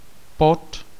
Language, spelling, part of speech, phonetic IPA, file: Czech, pod, preposition, [ˈpot], Cs-pod.ogg
- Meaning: 1. under (direction) 2. below, under (location)